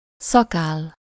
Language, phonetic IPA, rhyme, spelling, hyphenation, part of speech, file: Hungarian, [ˈsɒkaːlː], -aːlː, szakáll, sza‧káll, noun, Hu-szakáll.ogg
- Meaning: beard